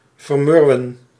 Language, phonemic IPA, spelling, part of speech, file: Dutch, /vərˈmʏr.ʋə(n)/, vermurwen, verb, Nl-vermurwen.ogg
- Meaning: to mollify, soften, weaken